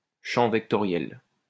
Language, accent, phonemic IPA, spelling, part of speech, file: French, France, /ʃɑ̃ vɛk.tɔ.ʁjɛl/, champ vectoriel, noun, LL-Q150 (fra)-champ vectoriel.wav
- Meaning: vector field